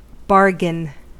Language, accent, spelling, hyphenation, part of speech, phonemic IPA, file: English, General American, bargain, bar‧gain, noun / verb, /ˈbɑːɹɡən/, En-us-bargain.ogg